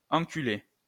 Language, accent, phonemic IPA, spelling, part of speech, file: French, France, /ɑ̃.ky.le/, enculé, noun / verb, LL-Q150 (fra)-enculé.wav
- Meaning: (noun) 1. bugger, fuckwit, fucker, fuckhead, etc 2. man, fellow, male friend 3. bottom (man with a preference for being penetrated during homosexual intercourse); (verb) past participle of enculer